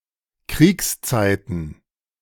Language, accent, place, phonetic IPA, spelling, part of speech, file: German, Germany, Berlin, [ˈkʁiːksˌt͡saɪ̯tn̩], Kriegszeiten, noun, De-Kriegszeiten.ogg
- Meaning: plural of Kriegszeit